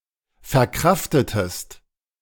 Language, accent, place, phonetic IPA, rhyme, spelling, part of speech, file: German, Germany, Berlin, [fɛɐ̯ˈkʁaftətəst], -aftətəst, verkraftetest, verb, De-verkraftetest.ogg
- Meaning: inflection of verkraften: 1. second-person singular preterite 2. second-person singular subjunctive II